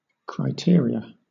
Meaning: 1. plural of criterion 2. A single criterion 3. A set of criteria
- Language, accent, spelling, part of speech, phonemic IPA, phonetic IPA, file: English, Southern England, criteria, noun, /kɹaɪˈtɪə.ɹi.ə/, [kɹaɪ̯ˈtɪə̯.ɹi.ə], LL-Q1860 (eng)-criteria.wav